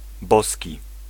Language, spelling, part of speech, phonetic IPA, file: Polish, boski, adjective, [ˈbɔsʲci], Pl-boski.ogg